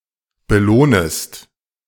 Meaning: second-person singular subjunctive I of belohnen
- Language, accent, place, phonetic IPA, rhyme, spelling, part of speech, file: German, Germany, Berlin, [bəˈloːnəst], -oːnəst, belohnest, verb, De-belohnest.ogg